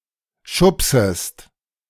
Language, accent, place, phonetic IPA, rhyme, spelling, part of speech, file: German, Germany, Berlin, [ˈʃʊpsəst], -ʊpsəst, schubsest, verb, De-schubsest.ogg
- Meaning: second-person singular subjunctive I of schubsen